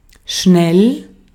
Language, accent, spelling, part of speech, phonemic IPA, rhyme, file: German, Austria, schnell, adjective / adverb, /ʃnɛl/, -ɛl, De-at-schnell.ogg
- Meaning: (adjective) quick, fast; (adverb) 1. quickly 2. again; quick; used after a question to imply that one ought to know the answer